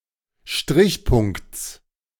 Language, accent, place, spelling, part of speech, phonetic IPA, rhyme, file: German, Germany, Berlin, Strichpunkts, noun, [ˈʃtʁɪçˌpʊŋkt͡s], -ɪçpʊŋkt͡s, De-Strichpunkts.ogg
- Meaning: genitive singular of Strichpunkt